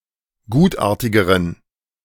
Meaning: inflection of gutartig: 1. strong genitive masculine/neuter singular comparative degree 2. weak/mixed genitive/dative all-gender singular comparative degree
- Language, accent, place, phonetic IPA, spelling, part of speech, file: German, Germany, Berlin, [ˈɡuːtˌʔaːɐ̯tɪɡəʁən], gutartigeren, adjective, De-gutartigeren.ogg